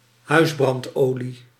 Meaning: heating oil (used primarily for domestic purposes)
- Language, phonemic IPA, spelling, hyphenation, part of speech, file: Dutch, /ˈɦœy̯s.brɑntˌoː.li/, huisbrandolie, huis‧brand‧olie, noun, Nl-huisbrandolie.ogg